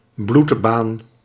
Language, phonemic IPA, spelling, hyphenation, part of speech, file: Dutch, /ˈblut.baːn/, bloedbaan, bloed‧baan, noun, Nl-bloedbaan.ogg
- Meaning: bloodstream